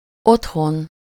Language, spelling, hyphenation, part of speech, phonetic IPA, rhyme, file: Hungarian, otthon, ott‧hon, noun / adverb, [ˈothon], -on, Hu-otthon.ogg
- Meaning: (noun) home (one’s own dwelling place; the house or structure in which one lives; especially the house in which one lives with his family; the habitual abode of one’s family)